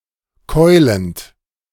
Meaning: present participle of keulen
- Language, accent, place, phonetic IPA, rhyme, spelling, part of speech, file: German, Germany, Berlin, [ˈkɔɪ̯lənt], -ɔɪ̯lənt, keulend, verb, De-keulend.ogg